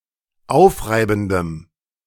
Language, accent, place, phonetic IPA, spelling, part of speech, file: German, Germany, Berlin, [ˈaʊ̯fˌʁaɪ̯bn̩dəm], aufreibendem, adjective, De-aufreibendem.ogg
- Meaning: strong dative masculine/neuter singular of aufreibend